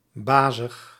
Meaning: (adjective) bossy, domineering; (adverb) 1. in a bossy way 2. firmly, soundly, in good measure (or more)
- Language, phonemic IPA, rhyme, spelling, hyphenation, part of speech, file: Dutch, /ˈbaː.zəx/, -aːzəx, bazig, ba‧zig, adjective / adverb, Nl-bazig.ogg